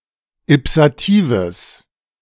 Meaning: strong/mixed nominative/accusative neuter singular of ipsativ
- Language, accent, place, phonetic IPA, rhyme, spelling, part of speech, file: German, Germany, Berlin, [ɪpsaˈtiːvəs], -iːvəs, ipsatives, adjective, De-ipsatives.ogg